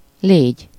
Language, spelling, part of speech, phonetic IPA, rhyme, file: Hungarian, légy, noun / verb, [ˈleːɟ], -eːɟ, Hu-légy.ogg
- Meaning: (noun) fly (insect); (verb) 1. second-person singular subjunctive present indefinite of van 2. second-person singular subjunctive present indefinite of lesz